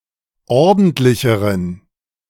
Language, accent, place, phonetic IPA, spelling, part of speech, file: German, Germany, Berlin, [ˈɔʁdn̩tlɪçəʁən], ordentlicheren, adjective, De-ordentlicheren.ogg
- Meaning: inflection of ordentlich: 1. strong genitive masculine/neuter singular comparative degree 2. weak/mixed genitive/dative all-gender singular comparative degree